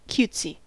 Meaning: Overly, affectedly or unnecessarily cute; too cute to be taken seriously
- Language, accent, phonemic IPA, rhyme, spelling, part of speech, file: English, US, /ˈkjutsi/, -uːtsi, cutesy, adjective, En-us-cutesy.ogg